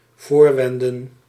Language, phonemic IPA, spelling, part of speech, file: Dutch, /ˈvoːrˌʋɛ.ndə(n)/, voorwenden, verb, Nl-voorwenden.ogg
- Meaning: to feign, to pretend